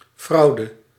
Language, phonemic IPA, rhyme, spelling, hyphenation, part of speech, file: Dutch, /ˈfrɑu̯.də/, -ɑu̯də, fraude, frau‧de, noun, Nl-fraude.ogg
- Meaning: fraud